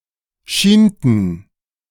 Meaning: inflection of schienen: 1. first/third-person plural preterite 2. first/third-person plural subjunctive II
- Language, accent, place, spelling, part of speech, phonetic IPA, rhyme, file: German, Germany, Berlin, schienten, verb, [ˈʃiːntn̩], -iːntn̩, De-schienten.ogg